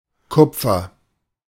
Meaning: copper (chemical element, Cu, atomical number 29)
- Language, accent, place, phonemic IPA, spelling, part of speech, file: German, Germany, Berlin, /ˈkʊp͡fɐ/, Kupfer, noun, De-Kupfer.ogg